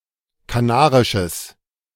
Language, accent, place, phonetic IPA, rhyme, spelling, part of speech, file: German, Germany, Berlin, [kaˈnaːʁɪʃəs], -aːʁɪʃəs, kanarisches, adjective, De-kanarisches.ogg
- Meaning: strong/mixed nominative/accusative neuter singular of kanarisch